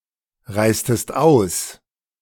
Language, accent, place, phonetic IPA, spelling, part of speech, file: German, Germany, Berlin, [ˌʁaɪ̯stət ˈaʊ̯s], reistet aus, verb, De-reistet aus.ogg
- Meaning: inflection of ausreisen: 1. second-person plural preterite 2. second-person plural subjunctive II